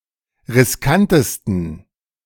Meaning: 1. superlative degree of riskant 2. inflection of riskant: strong genitive masculine/neuter singular superlative degree
- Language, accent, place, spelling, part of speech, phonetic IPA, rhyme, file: German, Germany, Berlin, riskantesten, adjective, [ʁɪsˈkantəstn̩], -antəstn̩, De-riskantesten.ogg